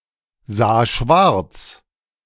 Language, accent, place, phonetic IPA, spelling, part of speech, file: German, Germany, Berlin, [ˌzaː ˈʃvaʁt͡s], sah schwarz, verb, De-sah schwarz.ogg
- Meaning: first/third-person singular preterite of schwarzsehen